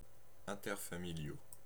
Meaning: masculine plural of interfamilial
- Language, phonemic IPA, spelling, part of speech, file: French, /ɛ̃.tɛʁ.fa.mi.ljo/, interfamiliaux, adjective, Fr-interfamiliaux.ogg